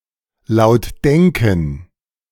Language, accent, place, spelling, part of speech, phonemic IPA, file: German, Germany, Berlin, laut denken, verb, /laʊ̯t ˈdɛŋkən/, De-laut denken.ogg
- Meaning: to think aloud